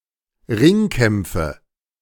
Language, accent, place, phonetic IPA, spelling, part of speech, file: German, Germany, Berlin, [ˈʁɪŋˌkɛmp͡fə], Ringkämpfe, noun, De-Ringkämpfe.ogg
- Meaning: nominative/accusative/genitive plural of Ringkampf